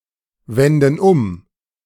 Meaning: inflection of umwenden: 1. first/third-person plural present 2. first/third-person plural subjunctive I
- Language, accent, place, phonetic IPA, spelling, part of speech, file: German, Germany, Berlin, [ˌvɛndn̩ ˈʊm], wenden um, verb, De-wenden um.ogg